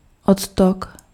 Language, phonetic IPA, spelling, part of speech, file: Czech, [ˈotok], odtok, noun, Cs-odtok.ogg
- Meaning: drain, outlet (for liquids)